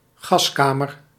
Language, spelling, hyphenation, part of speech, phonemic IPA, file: Dutch, gaskamer, gas‧ka‧mer, noun, /ˈɣɑsˌkaː.mər/, Nl-gaskamer.ogg
- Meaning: gas chamber (sealed chamber in which people or animals are murdered with gas)